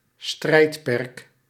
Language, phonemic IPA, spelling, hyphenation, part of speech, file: Dutch, /ˈstrɛi̯t.pɛrk/, strijdperk, strijd‧perk, noun, Nl-strijdperk.ogg
- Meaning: 1. battlefield (arena or theatre of fighting) 2. subject or scope of contention (that which is subject to controversy)